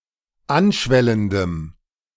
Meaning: strong dative masculine/neuter singular of anschwellend
- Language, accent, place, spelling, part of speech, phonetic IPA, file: German, Germany, Berlin, anschwellendem, adjective, [ˈanˌʃvɛləndəm], De-anschwellendem.ogg